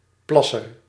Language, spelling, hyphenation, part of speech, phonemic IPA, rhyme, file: Dutch, plasser, plas‧ser, noun, /ˈplɑ.sər/, -ɑsər, Nl-plasser.ogg
- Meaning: 1. a peepee, a doodle (penis) 2. a pee-er, one who urinates